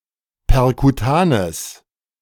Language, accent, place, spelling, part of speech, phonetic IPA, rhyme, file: German, Germany, Berlin, perkutanes, adjective, [pɛʁkuˈtaːnəs], -aːnəs, De-perkutanes.ogg
- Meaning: strong/mixed nominative/accusative neuter singular of perkutan